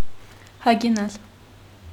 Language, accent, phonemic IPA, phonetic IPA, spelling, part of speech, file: Armenian, Eastern Armenian, /hɑɡeˈnɑl/, [hɑɡenɑ́l], հագենալ, verb, Hy-հագենալ.ogg
- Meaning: 1. to eat one's fill; to become full (after eating) 2. to become saturated